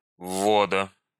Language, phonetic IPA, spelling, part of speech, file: Russian, [ˈvːodə], ввода, noun, Ru-ввода.ogg
- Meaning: genitive singular of ввод (vvod)